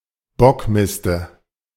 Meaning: dative singular of Bockmist
- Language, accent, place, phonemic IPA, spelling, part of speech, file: German, Germany, Berlin, /ˈbɔkˌmɪstə/, Bockmiste, noun, De-Bockmiste.ogg